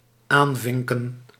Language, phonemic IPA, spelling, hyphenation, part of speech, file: Dutch, /ˈaːnˌvɪŋ.kə(n)/, aanvinken, aan‧vin‧ken, verb, Nl-aanvinken.ogg
- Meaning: to check (f.e. choices on a form) (not implying elimination of options or objectives)